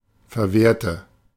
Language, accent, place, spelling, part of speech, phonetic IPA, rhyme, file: German, Germany, Berlin, verwehrte, adjective / verb, [fɛɐ̯ˈveːɐ̯tə], -eːɐ̯tə, De-verwehrte.ogg
- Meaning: inflection of verwehren: 1. first/third-person singular preterite 2. first/third-person singular subjunctive II